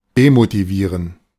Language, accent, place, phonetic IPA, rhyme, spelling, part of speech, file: German, Germany, Berlin, [demotiˈviːʁən], -iːʁən, demotivieren, verb, De-demotivieren.ogg
- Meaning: to demotivate